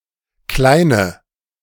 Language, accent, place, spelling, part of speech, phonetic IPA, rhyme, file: German, Germany, Berlin, Kleine, noun, [ˈklaɪ̯nə], -aɪ̯nə, De-Kleine.ogg
- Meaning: 1. female equivalent of Kleiner: girl; young woman 2. inflection of Kleiner: strong nominative/accusative plural 3. inflection of Kleiner: weak nominative singular